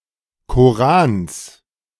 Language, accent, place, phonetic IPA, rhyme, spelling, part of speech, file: German, Germany, Berlin, [koˈʁaːns], -aːns, Korans, noun, De-Korans.ogg
- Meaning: genitive singular of Koran